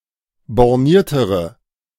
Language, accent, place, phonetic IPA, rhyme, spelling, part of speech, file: German, Germany, Berlin, [bɔʁˈniːɐ̯təʁə], -iːɐ̯təʁə, borniertere, adjective, De-borniertere.ogg
- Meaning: inflection of borniert: 1. strong/mixed nominative/accusative feminine singular comparative degree 2. strong nominative/accusative plural comparative degree